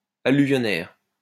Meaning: alluvial
- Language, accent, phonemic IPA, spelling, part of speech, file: French, France, /a.ly.vjɔ.nɛʁ/, alluvionnaire, adjective, LL-Q150 (fra)-alluvionnaire.wav